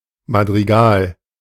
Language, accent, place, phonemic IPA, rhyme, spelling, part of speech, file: German, Germany, Berlin, /madʁiˈɡaːl/, -aːl, Madrigal, noun, De-Madrigal.ogg
- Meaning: madrigal